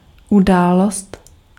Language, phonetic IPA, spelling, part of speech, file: Czech, [ˈudaːlost], událost, noun, Cs-událost.ogg
- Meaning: 1. event 2. incident